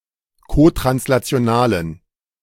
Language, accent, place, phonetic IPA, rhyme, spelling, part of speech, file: German, Germany, Berlin, [kotʁanslat͡si̯oˈnaːlən], -aːlən, kotranslationalen, adjective, De-kotranslationalen.ogg
- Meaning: inflection of kotranslational: 1. strong genitive masculine/neuter singular 2. weak/mixed genitive/dative all-gender singular 3. strong/weak/mixed accusative masculine singular 4. strong dative plural